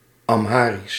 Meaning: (proper noun) Amharic
- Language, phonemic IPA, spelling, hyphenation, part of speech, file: Dutch, /ɑmˈɦaːris/, Amharisch, Am‧ha‧risch, proper noun / adjective, Nl-Amharisch.ogg